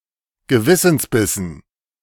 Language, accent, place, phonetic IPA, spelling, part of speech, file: German, Germany, Berlin, [ɡəˈvɪsn̩sˌbɪsn̩], Gewissensbissen, noun, De-Gewissensbissen.ogg
- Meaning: dative plural of Gewissensbiss